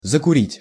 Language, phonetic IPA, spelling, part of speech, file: Russian, [zəkʊˈrʲitʲ], закурить, verb, Ru-закурить.ogg
- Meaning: 1. to start smoking, to light up 2. to become a smoker, to take up smoking 3. to smoke something through (e.g. make a room full of (cigarette) smoke)